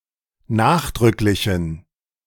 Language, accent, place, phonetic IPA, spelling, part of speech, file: German, Germany, Berlin, [ˈnaːxdʁʏklɪçn̩], nachdrücklichen, adjective, De-nachdrücklichen.ogg
- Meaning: inflection of nachdrücklich: 1. strong genitive masculine/neuter singular 2. weak/mixed genitive/dative all-gender singular 3. strong/weak/mixed accusative masculine singular 4. strong dative plural